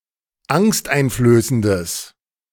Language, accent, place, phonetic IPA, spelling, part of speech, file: German, Germany, Berlin, [ˈaŋstʔaɪ̯nfløːsəndəs], angsteinflößendes, adjective, De-angsteinflößendes.ogg
- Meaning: strong/mixed nominative/accusative neuter singular of angsteinflößend